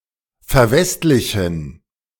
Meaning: to westernize
- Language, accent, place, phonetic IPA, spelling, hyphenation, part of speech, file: German, Germany, Berlin, [fɛɐ̯ˈvɛstlɪçn̩], verwestlichen, ver‧west‧li‧chen, verb, De-verwestlichen.ogg